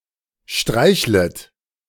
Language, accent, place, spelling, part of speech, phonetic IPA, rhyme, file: German, Germany, Berlin, streichlet, verb, [ˈʃtʁaɪ̯çlət], -aɪ̯çlət, De-streichlet.ogg
- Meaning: second-person plural subjunctive I of streicheln